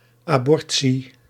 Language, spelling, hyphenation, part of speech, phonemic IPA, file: Dutch, abortie, abor‧tie, noun, /ˌaːˈbɔr.(t)si/, Nl-abortie.ogg
- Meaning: 1. a miscarriage, a spontaneous abortion 2. an induced abortion